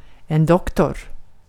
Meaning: 1. doctor; physician 2. doctor; person who has achieved a graduate degree such as a Ph.D. or a Th.D
- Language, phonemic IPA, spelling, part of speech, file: Swedish, /ˈdɔkˌtɔr/, doktor, noun, Sv-doktor.ogg